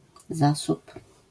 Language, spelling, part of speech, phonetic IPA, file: Polish, zasób, noun, [ˈzasup], LL-Q809 (pol)-zasób.wav